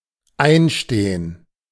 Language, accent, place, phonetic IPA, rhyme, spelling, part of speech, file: German, Germany, Berlin, [ˈaɪ̯nˌʃteːən], -aɪ̯nʃteːən, einstehen, verb, De-einstehen.ogg
- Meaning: 1. to vouch 2. to take responsibility 3. to enter school; to take up a permanent position